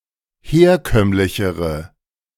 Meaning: inflection of herkömmlich: 1. strong/mixed nominative/accusative feminine singular comparative degree 2. strong nominative/accusative plural comparative degree
- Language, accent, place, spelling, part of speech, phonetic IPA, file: German, Germany, Berlin, herkömmlichere, adjective, [ˈheːɐ̯ˌkœmlɪçəʁə], De-herkömmlichere.ogg